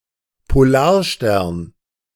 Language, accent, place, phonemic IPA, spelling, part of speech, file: German, Germany, Berlin, /poˈlaːɐ̯ˌʃtɛɐ̯n/, Polarstern, proper noun, De-Polarstern.ogg
- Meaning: pole star, Pole Star, Polaris